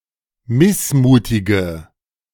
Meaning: inflection of missmutig: 1. strong/mixed nominative/accusative feminine singular 2. strong nominative/accusative plural 3. weak nominative all-gender singular
- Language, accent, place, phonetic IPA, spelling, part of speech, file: German, Germany, Berlin, [ˈmɪsˌmuːtɪɡə], missmutige, adjective, De-missmutige.ogg